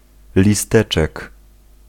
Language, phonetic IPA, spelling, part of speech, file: Polish, [lʲiˈstɛt͡ʃɛk], listeczek, noun, Pl-listeczek.ogg